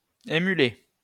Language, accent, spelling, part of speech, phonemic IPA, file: French, France, émuler, verb, /e.my.le/, LL-Q150 (fra)-émuler.wav
- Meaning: to emulate